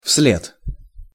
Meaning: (adverb) after, right after, behind, following; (preposition) after, behind, following
- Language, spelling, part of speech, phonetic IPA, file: Russian, вслед, adverb / preposition, [fs⁽ʲ⁾lʲet], Ru-вслед.ogg